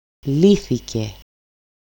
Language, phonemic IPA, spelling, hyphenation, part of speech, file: Greek, /ˈliθice/, λύθηκε, λύ‧θη‧κε, verb, El-λύθηκε.ogg
- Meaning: third-person singular simple past passive indicative of λύνω (lýno)